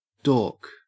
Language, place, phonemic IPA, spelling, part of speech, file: English, Queensland, /doːk/, dork, noun / verb, En-au-dork.ogg